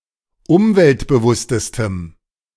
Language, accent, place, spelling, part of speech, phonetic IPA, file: German, Germany, Berlin, umweltbewusstestem, adjective, [ˈʊmvɛltbəˌvʊstəstəm], De-umweltbewusstestem.ogg
- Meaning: strong dative masculine/neuter singular superlative degree of umweltbewusst